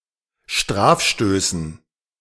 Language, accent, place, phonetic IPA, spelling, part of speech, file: German, Germany, Berlin, [ˈʃtʁaːfˌʃtøːsn̩], Strafstößen, noun, De-Strafstößen.ogg
- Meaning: dative plural of Strafstoß